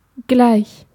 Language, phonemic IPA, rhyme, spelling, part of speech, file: German, /ɡlaɪ̯ç/, -aɪ̯ç, gleich, adjective / adverb, De-gleich.ogg
- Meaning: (adjective) 1. equal 2. same; very similar 3. same; identical; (adverb) 1. alike 2. in a moment 3. at once, at a time, simultaneously 4. right; just; directly 5. now; immediately; straight away